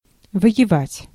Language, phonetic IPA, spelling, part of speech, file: Russian, [və(j)ɪˈvatʲ], воевать, verb, Ru-воевать.ogg
- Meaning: to fight, to war, to wage war, to be at war